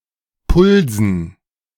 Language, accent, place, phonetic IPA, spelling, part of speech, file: German, Germany, Berlin, [ˈpʊlzn̩], Pulsen, noun, De-Pulsen.ogg
- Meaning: dative plural of Puls